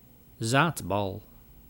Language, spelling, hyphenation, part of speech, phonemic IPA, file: Dutch, zaadbal, zaad‧bal, noun, /ˈzaːt.bɑl/, Nl-zaadbal.ogg
- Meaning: testicle